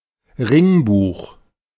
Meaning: ring binder
- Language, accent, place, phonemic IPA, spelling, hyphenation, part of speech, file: German, Germany, Berlin, /ˈʁɪŋˌbuːx/, Ringbuch, Ring‧buch, noun, De-Ringbuch.ogg